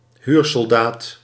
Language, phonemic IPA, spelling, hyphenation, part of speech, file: Dutch, /ˈɦyːr.sɔlˌdaːt/, huursoldaat, huur‧sol‧daat, noun, Nl-huursoldaat.ogg
- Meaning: mercenary, soldier of fortune